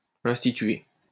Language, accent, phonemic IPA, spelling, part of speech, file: French, France, /ɛ̃s.ti.tɥe/, instituer, verb, LL-Q150 (fra)-instituer.wav
- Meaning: 1. to institute 2. to bring forth